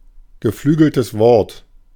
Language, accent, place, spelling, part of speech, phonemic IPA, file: German, Germany, Berlin, geflügeltes Wort, noun, /ɡəˈflyːɡəltəs vɔʁt/, De-geflügeltes Wort.ogg
- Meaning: winged word, catchphrase (a well-known quotation, often a witticism)